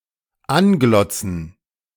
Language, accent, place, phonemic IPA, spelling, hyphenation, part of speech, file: German, Germany, Berlin, /ˈanˌɡlɔt͡sn̩/, anglotzen, an‧glot‧zen, verb, De-anglotzen.ogg
- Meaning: to stare at